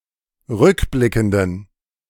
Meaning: inflection of rückblickend: 1. strong genitive masculine/neuter singular 2. weak/mixed genitive/dative all-gender singular 3. strong/weak/mixed accusative masculine singular 4. strong dative plural
- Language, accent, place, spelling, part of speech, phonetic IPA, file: German, Germany, Berlin, rückblickenden, adjective, [ˈʁʏkˌblɪkn̩dən], De-rückblickenden.ogg